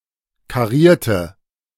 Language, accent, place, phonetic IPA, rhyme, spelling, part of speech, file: German, Germany, Berlin, [kaˈʁiːɐ̯tə], -iːɐ̯tə, karierte, adjective / verb, De-karierte.ogg
- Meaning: inflection of kariert: 1. strong/mixed nominative/accusative feminine singular 2. strong nominative/accusative plural 3. weak nominative all-gender singular 4. weak accusative feminine/neuter singular